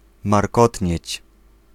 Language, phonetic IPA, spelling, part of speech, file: Polish, [marˈkɔtʲɲɛ̇t͡ɕ], markotnieć, verb, Pl-markotnieć.ogg